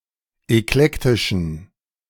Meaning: inflection of eklektisch: 1. strong genitive masculine/neuter singular 2. weak/mixed genitive/dative all-gender singular 3. strong/weak/mixed accusative masculine singular 4. strong dative plural
- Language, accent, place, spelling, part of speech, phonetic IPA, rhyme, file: German, Germany, Berlin, eklektischen, adjective, [ɛkˈlɛktɪʃn̩], -ɛktɪʃn̩, De-eklektischen.ogg